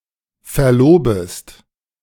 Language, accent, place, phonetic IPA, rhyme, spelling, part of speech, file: German, Germany, Berlin, [fɛɐ̯ˈloːbəst], -oːbəst, verlobest, verb, De-verlobest.ogg
- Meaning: second-person singular subjunctive I of verloben